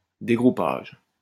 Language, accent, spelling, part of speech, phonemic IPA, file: French, France, dégroupage, noun, /de.ɡʁu.paʒ/, LL-Q150 (fra)-dégroupage.wav
- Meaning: unbundling